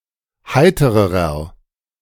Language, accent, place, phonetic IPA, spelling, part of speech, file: German, Germany, Berlin, [ˈhaɪ̯təʁəʁɐ], heitererer, adjective, De-heitererer.ogg
- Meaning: inflection of heiter: 1. strong/mixed nominative masculine singular comparative degree 2. strong genitive/dative feminine singular comparative degree 3. strong genitive plural comparative degree